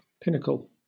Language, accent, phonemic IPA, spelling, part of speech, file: English, Southern England, /ˈpɪnəkəl/, pinnacle, noun / verb, LL-Q1860 (eng)-pinnacle.wav
- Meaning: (noun) 1. The highest point 2. A tall, sharp and craggy rock or mountain 3. An all-time high; a point of greatest achievement or success